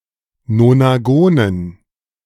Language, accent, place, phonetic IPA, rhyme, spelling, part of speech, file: German, Germany, Berlin, [nonaˈɡoːnən], -oːnən, Nonagonen, noun, De-Nonagonen.ogg
- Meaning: dative plural of Nonagon